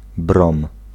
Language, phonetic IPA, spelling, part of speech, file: Polish, [brɔ̃m], brom, noun, Pl-brom.ogg